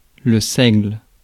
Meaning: rye (grass or its grains as food)
- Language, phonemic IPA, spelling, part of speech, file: French, /sɛɡl/, seigle, noun, Fr-seigle.ogg